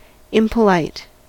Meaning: Not polite; discourteous; not of polished manners; wanting in good manners
- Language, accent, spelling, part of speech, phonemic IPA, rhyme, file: English, US, impolite, adjective, /ɪmpəˈlaɪt/, -aɪt, En-us-impolite.ogg